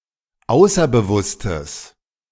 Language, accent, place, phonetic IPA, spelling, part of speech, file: German, Germany, Berlin, [ˈaʊ̯sɐbəˌvʊstəs], außerbewusstes, adjective, De-außerbewusstes.ogg
- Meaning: strong/mixed nominative/accusative neuter singular of außerbewusst